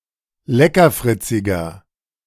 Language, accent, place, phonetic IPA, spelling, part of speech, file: German, Germany, Berlin, [ˈlɛkɐˌfʁɪt͡sɪɡɐ], leckerfritziger, adjective, De-leckerfritziger.ogg
- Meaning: 1. comparative degree of leckerfritzig 2. inflection of leckerfritzig: strong/mixed nominative masculine singular 3. inflection of leckerfritzig: strong genitive/dative feminine singular